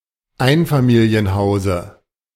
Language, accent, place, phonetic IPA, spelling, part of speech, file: German, Germany, Berlin, [ˈaɪ̯nfamiːli̯ənˌhaʊ̯zə], Einfamilienhause, noun, De-Einfamilienhause.ogg
- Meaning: dative singular of Einfamilienhaus